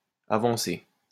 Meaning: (adjective) 1. advanced (well developed) 2. advanced (difficult; complicated); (verb) past participle of avancer
- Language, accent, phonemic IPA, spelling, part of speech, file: French, France, /a.vɑ̃.se/, avancé, adjective / verb, LL-Q150 (fra)-avancé.wav